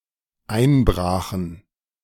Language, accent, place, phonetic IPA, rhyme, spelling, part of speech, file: German, Germany, Berlin, [ˈaɪ̯nˌbʁaːxn̩], -aɪ̯nbʁaːxn̩, einbrachen, verb, De-einbrachen.ogg
- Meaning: first/third-person plural dependent preterite of einbrechen